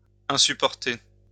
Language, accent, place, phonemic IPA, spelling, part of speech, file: French, France, Lyon, /ɛ̃.sy.pɔʁ.te/, insupporter, verb, LL-Q150 (fra)-insupporter.wav
- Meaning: to get on someone's nerves, to drive someone crazy